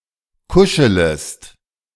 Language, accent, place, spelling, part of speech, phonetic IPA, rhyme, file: German, Germany, Berlin, kuschelest, verb, [ˈkʊʃələst], -ʊʃələst, De-kuschelest.ogg
- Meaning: second-person singular subjunctive I of kuscheln